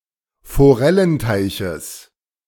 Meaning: genitive singular of Forellenteich
- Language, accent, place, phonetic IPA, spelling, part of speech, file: German, Germany, Berlin, [foˈʁɛlənˌtaɪ̯çəs], Forellenteiches, noun, De-Forellenteiches.ogg